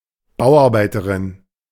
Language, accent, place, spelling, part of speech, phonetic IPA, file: German, Germany, Berlin, Bauarbeiterin, noun, [ˈbaʊ̯ʔaʁbaɪ̯təʁɪn], De-Bauarbeiterin.ogg
- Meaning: construction worker, building worker, builder (female)